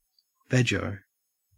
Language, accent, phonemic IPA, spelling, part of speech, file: English, Australia, /ˈvɛd͡ʒəʊ/, veggo, noun / adjective, En-au-veggo.ogg
- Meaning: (noun) A vegetarian; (adjective) Vegetarian; suitable for vegetarians